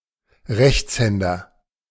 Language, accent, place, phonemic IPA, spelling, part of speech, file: German, Germany, Berlin, /ˈʁɛçt͡sˌhɛndɐ/, Rechtshänder, noun, De-Rechtshänder.ogg
- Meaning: right-hander